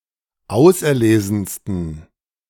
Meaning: 1. superlative degree of auserlesen 2. inflection of auserlesen: strong genitive masculine/neuter singular superlative degree
- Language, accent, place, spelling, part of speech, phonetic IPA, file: German, Germany, Berlin, auserlesensten, adjective, [ˈaʊ̯sʔɛɐ̯ˌleːzn̩stən], De-auserlesensten.ogg